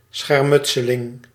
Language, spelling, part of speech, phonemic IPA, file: Dutch, schermutseling, noun, /sxɛr.ˈmʏt.sə.lɪŋ/, Nl-schermutseling.ogg
- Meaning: skirmish